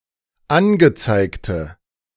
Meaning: inflection of angezeigt: 1. strong/mixed nominative/accusative feminine singular 2. strong nominative/accusative plural 3. weak nominative all-gender singular
- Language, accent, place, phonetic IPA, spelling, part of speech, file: German, Germany, Berlin, [ˈanɡəˌt͡saɪ̯ktə], angezeigte, adjective, De-angezeigte.ogg